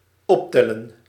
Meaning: to add
- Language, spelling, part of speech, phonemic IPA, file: Dutch, optellen, verb, /ˈɔptɛlə(n)/, Nl-optellen.ogg